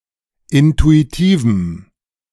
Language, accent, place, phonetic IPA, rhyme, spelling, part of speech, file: German, Germany, Berlin, [ˌɪntuiˈtiːvm̩], -iːvm̩, intuitivem, adjective, De-intuitivem.ogg
- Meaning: strong dative masculine/neuter singular of intuitiv